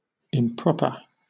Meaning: 1. Unsuitable to needs or circumstances; inappropriate; inapt 2. Not in keeping with conventional mores or good manners; indecent or immodest 3. Not according to facts; inaccurate or erroneous
- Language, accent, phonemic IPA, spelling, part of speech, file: English, Southern England, /ɪmˈpɹɒp.ə/, improper, adjective, LL-Q1860 (eng)-improper.wav